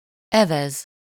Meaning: to row, paddle (to propel a boat or other craft over water using oars)
- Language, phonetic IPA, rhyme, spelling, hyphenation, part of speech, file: Hungarian, [ˈɛvɛz], -ɛz, evez, evez, verb, Hu-evez.ogg